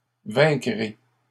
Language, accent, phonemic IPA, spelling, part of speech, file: French, Canada, /vɛ̃.kʁe/, vaincrai, verb, LL-Q150 (fra)-vaincrai.wav
- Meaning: first-person singular future of vaincre